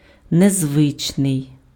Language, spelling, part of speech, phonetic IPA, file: Ukrainian, незвичний, adjective, [nezˈʋɪt͡ʃnei̯], Uk-незвичний.ogg
- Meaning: unusual